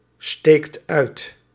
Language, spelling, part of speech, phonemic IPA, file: Dutch, steekt uit, verb, /ˈstekt ˈœyt/, Nl-steekt uit.ogg
- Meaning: inflection of uitsteken: 1. second/third-person singular present indicative 2. plural imperative